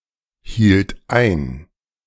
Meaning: first/third-person singular preterite of einhalten
- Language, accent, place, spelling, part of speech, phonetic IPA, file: German, Germany, Berlin, hielt ein, verb, [ˌhiːlt ˈaɪ̯n], De-hielt ein.ogg